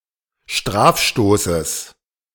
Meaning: genitive singular of Strafstoß
- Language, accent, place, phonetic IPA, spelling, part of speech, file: German, Germany, Berlin, [ˈʃtʁaːfˌʃtoːsəs], Strafstoßes, noun, De-Strafstoßes.ogg